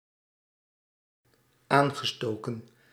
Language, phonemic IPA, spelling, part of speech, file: Dutch, /ˈaŋɣəˌstokə(n)/, aangestoken, adjective / verb, Nl-aangestoken.ogg
- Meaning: past participle of aansteken